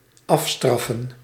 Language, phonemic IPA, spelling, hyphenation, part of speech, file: Dutch, /ˈɑfstrɑfə(n)/, afstraffen, af‧straf‧fen, verb, Nl-afstraffen.ogg
- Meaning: to punish